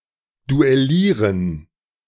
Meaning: to duel
- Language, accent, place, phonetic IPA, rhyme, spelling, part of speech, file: German, Germany, Berlin, [duɛˈliːʁən], -iːʁən, duellieren, verb, De-duellieren.ogg